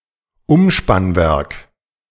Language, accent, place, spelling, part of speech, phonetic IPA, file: German, Germany, Berlin, Umspannwerk, noun, [ˈʊmʃpanˌvɛʁk], De-Umspannwerk.ogg
- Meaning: transformer substation